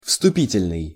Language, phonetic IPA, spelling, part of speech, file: Russian, [fstʊˈpʲitʲɪlʲnɨj], вступительный, adjective, Ru-вступительный.ogg
- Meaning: 1. introductory, opening, inaugural 2. entrance